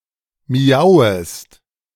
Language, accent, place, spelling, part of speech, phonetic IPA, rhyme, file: German, Germany, Berlin, miauest, verb, [miˈaʊ̯əst], -aʊ̯əst, De-miauest.ogg
- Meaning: second-person singular subjunctive I of miauen